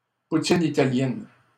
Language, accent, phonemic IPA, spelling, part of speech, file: French, Canada, /pu.tin i.ta.ljɛn/, poutine italienne, noun, LL-Q150 (fra)-poutine italienne.wav
- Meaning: Italian poutine